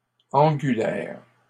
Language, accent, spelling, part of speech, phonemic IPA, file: French, Canada, angulaires, adjective, /ɑ̃.ɡy.lɛʁ/, LL-Q150 (fra)-angulaires.wav
- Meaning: plural of angulaire